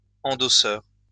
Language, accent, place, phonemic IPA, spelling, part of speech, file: French, France, Lyon, /ɑ̃.dɔ.sœʁ/, endosseur, noun, LL-Q150 (fra)-endosseur.wav
- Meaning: endorser